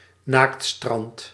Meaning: a nudist beach, a nude beach; a beach where one is allowed or required to practice nudism
- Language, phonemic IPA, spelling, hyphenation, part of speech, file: Dutch, /ˈnaːkt.strɑnt/, naaktstrand, naakt‧strand, noun, Nl-naaktstrand.ogg